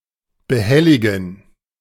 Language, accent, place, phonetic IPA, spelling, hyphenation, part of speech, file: German, Germany, Berlin, [bəˈhɛlɪɡn̩], behelligen, be‧hel‧li‧gen, verb, De-behelligen.ogg
- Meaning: to bother